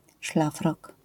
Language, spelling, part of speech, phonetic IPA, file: Polish, szlafrok, noun, [ˈʃlafrɔk], LL-Q809 (pol)-szlafrok.wav